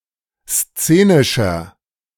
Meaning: 1. comparative degree of szenisch 2. inflection of szenisch: strong/mixed nominative masculine singular 3. inflection of szenisch: strong genitive/dative feminine singular
- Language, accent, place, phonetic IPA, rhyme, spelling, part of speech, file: German, Germany, Berlin, [ˈst͡seːnɪʃɐ], -eːnɪʃɐ, szenischer, adjective, De-szenischer.ogg